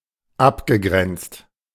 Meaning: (verb) past participle of abgrenzen; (adjective) demarcated, delimited, separate
- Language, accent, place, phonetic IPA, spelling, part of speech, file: German, Germany, Berlin, [ˈapɡəˌɡʁɛnt͡st], abgegrenzt, adjective / verb, De-abgegrenzt.ogg